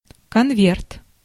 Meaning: envelope (for mailing)
- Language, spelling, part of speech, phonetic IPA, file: Russian, конверт, noun, [kɐnˈvʲert], Ru-конверт.ogg